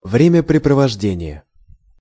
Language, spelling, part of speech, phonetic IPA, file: Russian, времяпрепровождение, noun, [ˌvrʲemʲɪprʲɪprəvɐʐˈdʲenʲɪje], Ru-времяпрепровождение.ogg
- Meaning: pastime